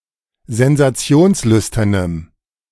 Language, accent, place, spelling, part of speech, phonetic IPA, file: German, Germany, Berlin, sensationslüsternem, adjective, [zɛnzaˈt͡si̯oːnsˌlʏstɐnəm], De-sensationslüsternem.ogg
- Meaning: strong dative masculine/neuter singular of sensationslüstern